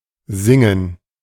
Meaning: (noun) gerund of singen; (proper noun) a town in Baden-Württemberg, Germany
- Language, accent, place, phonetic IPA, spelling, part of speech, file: German, Germany, Berlin, [ˈzɪŋŋ̩], Singen, noun / proper noun, De-Singen.ogg